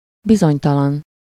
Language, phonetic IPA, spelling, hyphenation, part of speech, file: Hungarian, [ˈbizoɲtɒlɒn], bizonytalan, bi‧zony‧ta‧lan, adjective, Hu-bizonytalan.ogg
- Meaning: 1. uncertain, unsure, dubious 2. irresolute